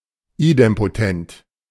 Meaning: idempotent
- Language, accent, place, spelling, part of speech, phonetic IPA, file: German, Germany, Berlin, idempotent, adjective, [ˈiːdɛmpoˌtɛnt], De-idempotent.ogg